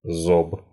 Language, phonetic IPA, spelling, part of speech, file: Russian, [zop], зоб, noun, Ru-зоб.ogg
- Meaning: 1. crop, craw 2. goitre/goiter